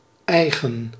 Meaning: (adjective) 1. own, private (not shared) 2. characteristic, typical, specific 3. Used with a possessive determiner to create a reflexive pronoun
- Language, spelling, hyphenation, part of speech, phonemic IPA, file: Dutch, eigen, ei‧gen, adjective / verb, /ˈɛi̯ɣə(n)/, Nl-eigen.ogg